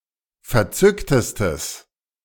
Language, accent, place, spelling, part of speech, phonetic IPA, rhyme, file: German, Germany, Berlin, verzücktestes, adjective, [fɛɐ̯ˈt͡sʏktəstəs], -ʏktəstəs, De-verzücktestes.ogg
- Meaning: strong/mixed nominative/accusative neuter singular superlative degree of verzückt